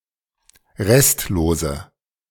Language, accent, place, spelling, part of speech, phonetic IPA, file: German, Germany, Berlin, restlose, adjective, [ˈʁɛstloːzə], De-restlose.ogg
- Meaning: inflection of restlos: 1. strong/mixed nominative/accusative feminine singular 2. strong nominative/accusative plural 3. weak nominative all-gender singular 4. weak accusative feminine/neuter singular